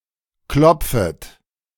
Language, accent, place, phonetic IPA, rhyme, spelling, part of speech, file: German, Germany, Berlin, [ˈklɔp͡fət], -ɔp͡fət, klopfet, verb, De-klopfet.ogg
- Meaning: second-person plural subjunctive I of klopfen